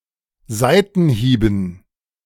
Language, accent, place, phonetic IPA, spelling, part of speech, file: German, Germany, Berlin, [ˈzaɪ̯tn̩ˌhiːbm̩], Seitenhieben, noun, De-Seitenhieben.ogg
- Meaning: dative plural of Seitenhieb